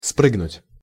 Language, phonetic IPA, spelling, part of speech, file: Russian, [ˈsprɨɡnʊtʲ], спрыгнуть, verb, Ru-спрыгнуть.ogg
- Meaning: to jump off, to leap off